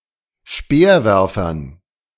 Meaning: dative plural of Speerwerfer
- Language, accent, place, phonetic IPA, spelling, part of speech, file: German, Germany, Berlin, [ˈʃpeːɐ̯ˌvɛʁfɐn], Speerwerfern, noun, De-Speerwerfern.ogg